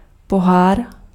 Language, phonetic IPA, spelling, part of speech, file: Czech, [ˈpoɦaːr], pohár, noun, Cs-pohár.ogg
- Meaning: 1. cup (trophy) 2. cup (contest)